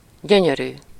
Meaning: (adjective) 1. beautiful 2. nice, beautiful, wonderful; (noun) 1. my lovely, my darling, my beauty (an affectionate term of address) 2. beauty (something beautiful)
- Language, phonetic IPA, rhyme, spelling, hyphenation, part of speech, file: Hungarian, [ˈɟøɲøryː], -ryː, gyönyörű, gyö‧nyö‧rű, adjective / noun, Hu-gyönyörű.ogg